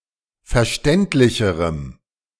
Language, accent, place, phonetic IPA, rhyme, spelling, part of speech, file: German, Germany, Berlin, [fɛɐ̯ˈʃtɛntlɪçəʁəm], -ɛntlɪçəʁəm, verständlicherem, adjective, De-verständlicherem.ogg
- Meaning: strong dative masculine/neuter singular comparative degree of verständlich